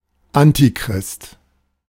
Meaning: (proper noun) Antichrist; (noun) antichrist
- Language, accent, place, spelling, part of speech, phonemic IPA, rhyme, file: German, Germany, Berlin, Antichrist, proper noun / noun, /ˈantiˌkʁɪst/, -ɪst, De-Antichrist.ogg